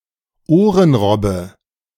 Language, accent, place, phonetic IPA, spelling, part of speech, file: German, Germany, Berlin, [ˈoːʁənˌʁɔbə], Ohrenrobbe, noun, De-Ohrenrobbe.ogg
- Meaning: eared seal, walking seal